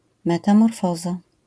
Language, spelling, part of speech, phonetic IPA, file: Polish, metamorfoza, noun, [ˌmɛtãmɔrˈfɔza], LL-Q809 (pol)-metamorfoza.wav